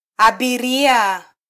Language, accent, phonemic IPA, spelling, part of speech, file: Swahili, Kenya, /ɑ.ɓiˈɾi.ɑ/, abiria, noun, Sw-ke-abiria.flac
- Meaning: passenger